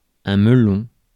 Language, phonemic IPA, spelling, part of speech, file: French, /mə.lɔ̃/, melon, noun, Fr-melon.ogg
- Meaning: melon (fruit)